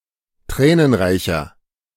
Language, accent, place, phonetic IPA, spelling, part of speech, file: German, Germany, Berlin, [ˈtʁɛːnənˌʁaɪ̯çɐ], tränenreicher, adjective, De-tränenreicher.ogg
- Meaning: 1. comparative degree of tränenreich 2. inflection of tränenreich: strong/mixed nominative masculine singular 3. inflection of tränenreich: strong genitive/dative feminine singular